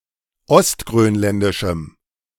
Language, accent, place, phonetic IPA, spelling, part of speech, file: German, Germany, Berlin, [ɔstɡʁøːnˌlɛndɪʃm̩], ostgrönländischem, adjective, De-ostgrönländischem.ogg
- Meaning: strong dative masculine/neuter singular of ostgrönländisch